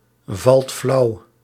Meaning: inflection of flauwvallen: 1. second/third-person singular present indicative 2. plural imperative
- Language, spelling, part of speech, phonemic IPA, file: Dutch, valt flauw, verb, /ˈvɑlt ˈflɑu/, Nl-valt flauw.ogg